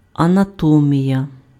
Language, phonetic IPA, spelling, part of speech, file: Ukrainian, [ɐnɐˈtɔmʲijɐ], анатомія, noun, Uk-анатомія.ogg
- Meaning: anatomy